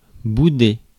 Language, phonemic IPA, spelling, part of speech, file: French, /bu.de/, bouder, verb, Fr-bouder.ogg
- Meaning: 1. to sulk, pout 2. to frown upon, to be discontented with